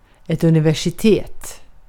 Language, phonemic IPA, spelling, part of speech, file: Swedish, /ɵn.ɪ.vɛʂ.ɪˈteːt/, universitet, noun, Sv-universitet.ogg
- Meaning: university